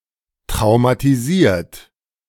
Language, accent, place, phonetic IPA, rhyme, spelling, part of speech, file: German, Germany, Berlin, [tʁaʊ̯matiˈziːɐ̯t], -iːɐ̯t, traumatisiert, adjective / verb, De-traumatisiert.ogg
- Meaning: 1. past participle of traumatisieren 2. inflection of traumatisieren: third-person singular present 3. inflection of traumatisieren: second-person plural present